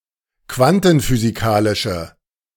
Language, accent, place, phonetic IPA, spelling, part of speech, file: German, Germany, Berlin, [ˈkvantn̩fyːziˌkaːlɪʃə], quantenphysikalische, adjective, De-quantenphysikalische.ogg
- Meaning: inflection of quantenphysikalisch: 1. strong/mixed nominative/accusative feminine singular 2. strong nominative/accusative plural 3. weak nominative all-gender singular